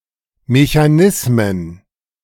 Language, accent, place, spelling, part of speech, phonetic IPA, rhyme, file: German, Germany, Berlin, Mechanismen, noun, [meçaˈnɪsmən], -ɪsmən, De-Mechanismen.ogg
- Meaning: plural of Mechanismus